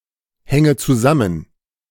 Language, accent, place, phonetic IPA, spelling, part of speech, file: German, Germany, Berlin, [ˌhɛŋə t͡suˈzamən], hänge zusammen, verb, De-hänge zusammen.ogg
- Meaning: inflection of zusammenhängen: 1. first-person singular present 2. first/third-person singular subjunctive I 3. singular imperative